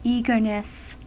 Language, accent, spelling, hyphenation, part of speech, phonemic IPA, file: English, US, eagerness, ea‧ger‧ness, noun, /ˈiɡɚnəs/, En-us-eagerness.ogg
- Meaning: 1. The state or quality of being eager; ardent desire 2. Tartness, sourness